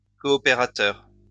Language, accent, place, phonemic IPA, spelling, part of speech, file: French, France, Lyon, /kɔ.ɔ.pe.ʁa.tœʁ/, coopérateur, noun, LL-Q150 (fra)-coopérateur.wav
- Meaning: 1. cooperator 2. a member of a cooperative